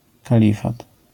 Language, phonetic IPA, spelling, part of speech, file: Polish, [kaˈlʲifat], kalifat, noun, LL-Q809 (pol)-kalifat.wav